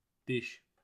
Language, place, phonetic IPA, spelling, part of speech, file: Azerbaijani, Baku, [diʃ], diş, noun, Az-az-diş.ogg
- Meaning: 1. tooth 2. a sharp projection on the blade of a saw or similar implement 3. a projection on the edge of a gear 4. clove (of garlic)